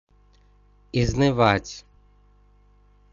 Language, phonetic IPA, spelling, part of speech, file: Russian, [ɪznɨˈvatʲ], изнывать, verb, Ru-изнывать.ogg
- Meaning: 1. to pine away, to pine for, to languish 2. to be bored to death